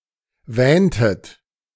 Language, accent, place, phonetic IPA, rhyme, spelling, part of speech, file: German, Germany, Berlin, [ˈvɛːntət], -ɛːntət, wähntet, verb, De-wähntet.ogg
- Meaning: inflection of wähnen: 1. second-person plural preterite 2. second-person plural subjunctive II